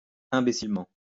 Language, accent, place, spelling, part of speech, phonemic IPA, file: French, France, Lyon, imbécilement, adverb, /ɛ̃.be.sil.mɑ̃/, LL-Q150 (fra)-imbécilement.wav
- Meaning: stupidly; idiotically